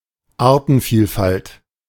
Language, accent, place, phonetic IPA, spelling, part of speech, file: German, Germany, Berlin, [ˈaːɐ̯tn̩ˌfiːlfalt], Artenvielfalt, noun, De-Artenvielfalt.ogg
- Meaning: species richness; biodiversity